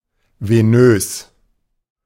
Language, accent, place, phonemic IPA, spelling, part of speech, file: German, Germany, Berlin, /veˈnøːs/, venös, adjective, De-venös.ogg
- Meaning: venous